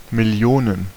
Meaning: plural of Million
- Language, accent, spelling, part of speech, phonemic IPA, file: German, Germany, Millionen, noun, /mɪˈli̯oːnən/, De-Millionen.ogg